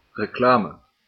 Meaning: 1. publicity 2. advertisement or ads 3. the stock that is advertised at a discount
- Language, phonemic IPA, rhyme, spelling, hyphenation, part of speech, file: Dutch, /rəˈklaː.mə/, -aːmə, reclame, re‧cla‧me, noun, Nl-reclame.ogg